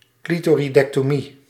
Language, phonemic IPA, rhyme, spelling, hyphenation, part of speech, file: Dutch, /ˌkli.toː.ri.dɛk.toːˈmi/, -i, clitoridectomie, cli‧to‧ri‧dec‧to‧mie, noun, Nl-clitoridectomie.ogg
- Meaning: clitoridectomy, the usually mutilative removal or cutting of the clitoris